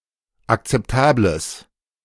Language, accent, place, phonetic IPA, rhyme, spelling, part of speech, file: German, Germany, Berlin, [akt͡sɛpˈtaːbləs], -aːbləs, akzeptables, adjective, De-akzeptables.ogg
- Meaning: strong/mixed nominative/accusative neuter singular of akzeptabel